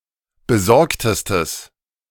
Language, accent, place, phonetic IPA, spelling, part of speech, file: German, Germany, Berlin, [bəˈzɔʁktəstəs], besorgtestes, adjective, De-besorgtestes.ogg
- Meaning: strong/mixed nominative/accusative neuter singular superlative degree of besorgt